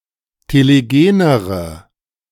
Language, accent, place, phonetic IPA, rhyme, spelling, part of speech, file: German, Germany, Berlin, [teleˈɡeːnəʁə], -eːnəʁə, telegenere, adjective, De-telegenere.ogg
- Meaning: inflection of telegen: 1. strong/mixed nominative/accusative feminine singular comparative degree 2. strong nominative/accusative plural comparative degree